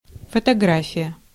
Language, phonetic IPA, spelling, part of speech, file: Russian, [fətɐˈɡrafʲɪjə], фотография, noun, Ru-фотография.ogg
- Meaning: 1. photograph 2. photography